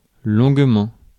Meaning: for a long time
- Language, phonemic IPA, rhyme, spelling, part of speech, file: French, /lɔ̃ɡ.mɑ̃/, -ɑ̃, longuement, adverb, Fr-longuement.ogg